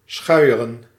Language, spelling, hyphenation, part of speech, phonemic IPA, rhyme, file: Dutch, schuieren, schui‧e‧ren, verb, /ˈsxœy̯.ə.rən/, -œy̯ərən, Nl-schuieren.ogg
- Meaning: to brush (usually with a flat brush)